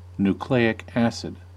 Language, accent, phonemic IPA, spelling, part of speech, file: English, US, /nuˈkleɪ.ɪk ˈæsɪd/, nucleic acid, noun, En-us-nucleic acid.ogg